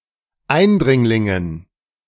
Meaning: dative plural of Eindringling
- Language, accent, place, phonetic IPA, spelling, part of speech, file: German, Germany, Berlin, [ˈaɪ̯nˌdʁɪŋlɪŋən], Eindringlingen, noun, De-Eindringlingen.ogg